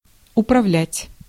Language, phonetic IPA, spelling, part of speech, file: Russian, [ʊprɐˈvlʲætʲ], управлять, verb, Ru-управлять.ogg
- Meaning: 1. to govern, to rule 2. to control, to manage 3. to operate, to run 4. to drive, to steer 5. to govern